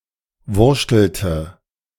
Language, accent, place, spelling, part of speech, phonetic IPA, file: German, Germany, Berlin, wurschtelte, verb, [ˈvʊʁʃtl̩tə], De-wurschtelte.ogg
- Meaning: inflection of wurschteln: 1. first/third-person singular preterite 2. first/third-person singular subjunctive II